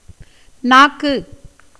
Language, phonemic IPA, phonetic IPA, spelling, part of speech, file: Tamil, /nɑːkːɯ/, [näːkːɯ], நாக்கு, noun, Ta-நாக்கு.ogg
- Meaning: tongue